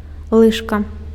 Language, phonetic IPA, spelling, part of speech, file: Belarusian, [ˈɫɨʂka], лыжка, noun, Be-лыжка.ogg
- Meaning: spoon